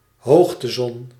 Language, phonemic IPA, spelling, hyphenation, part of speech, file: Dutch, /ˈɦoːx.təˌzɔn/, hoogtezon, hoog‧te‧zon, noun, Nl-hoogtezon.ogg
- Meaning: a lamp emitting light that contains a large dose of ultraviolet light, replicating the light of the Sun at high altitudes and used in medicine and sunbathing